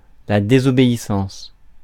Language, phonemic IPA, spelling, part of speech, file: French, /de.zɔ.be.i.sɑ̃s/, désobéissance, noun, Fr-désobéissance.ogg
- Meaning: disobedience, refusal to obey